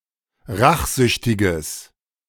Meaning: strong/mixed nominative/accusative neuter singular of rachsüchtig
- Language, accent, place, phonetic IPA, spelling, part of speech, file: German, Germany, Berlin, [ˈʁaxˌzʏçtɪɡəs], rachsüchtiges, adjective, De-rachsüchtiges.ogg